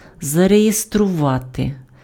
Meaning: to register (enter in a register)
- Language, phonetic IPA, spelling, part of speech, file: Ukrainian, [zɐrejestrʊˈʋate], зареєструвати, verb, Uk-зареєструвати.ogg